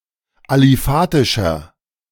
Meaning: inflection of aliphatisch: 1. strong/mixed nominative masculine singular 2. strong genitive/dative feminine singular 3. strong genitive plural
- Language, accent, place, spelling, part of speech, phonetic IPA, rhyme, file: German, Germany, Berlin, aliphatischer, adjective, [aliˈfaːtɪʃɐ], -aːtɪʃɐ, De-aliphatischer.ogg